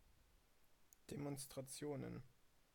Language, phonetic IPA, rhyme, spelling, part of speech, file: German, [demɔnstʁaˈt͡si̯oːnən], -oːnən, Demonstrationen, noun, DE-Demonstrationen.ogg
- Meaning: plural of Demonstration